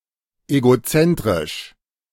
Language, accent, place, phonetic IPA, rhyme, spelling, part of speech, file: German, Germany, Berlin, [eɡoˈt͡sɛntʁɪʃ], -ɛntʁɪʃ, egozentrisch, adjective, De-egozentrisch.ogg
- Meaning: egocentric